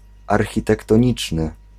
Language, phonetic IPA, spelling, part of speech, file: Polish, [ˌarxʲitɛktɔ̃ˈɲit͡ʃnɨ], architektoniczny, adjective, Pl-architektoniczny.ogg